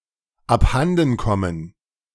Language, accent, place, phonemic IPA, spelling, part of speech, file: German, Germany, Berlin, /apˈhandn̩ˌkɔmən/, abhandenkommen, verb, De-abhandenkommen.ogg
- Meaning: to go missing, to lose